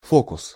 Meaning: 1. hocus-pocus, trick, sleight of hand 2. freak, whim 3. focus (in optics)
- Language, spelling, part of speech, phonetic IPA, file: Russian, фокус, noun, [ˈfokʊs], Ru-фокус.ogg